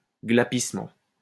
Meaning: yelp; squeaking
- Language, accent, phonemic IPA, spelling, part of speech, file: French, France, /ɡla.pis.mɑ̃/, glapissement, noun, LL-Q150 (fra)-glapissement.wav